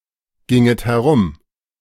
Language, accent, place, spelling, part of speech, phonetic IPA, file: German, Germany, Berlin, ginget herum, verb, [ˌɡɪŋət hɛˈʁʊm], De-ginget herum.ogg
- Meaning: second-person plural subjunctive II of herumgehen